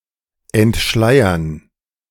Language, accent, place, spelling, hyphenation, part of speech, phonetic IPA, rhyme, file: German, Germany, Berlin, entschleiern, ent‧schlei‧ern, verb, [ʔɛntˈʃlaɪ̯ɐn], -aɪ̯ɐn, De-entschleiern.ogg
- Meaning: to unveil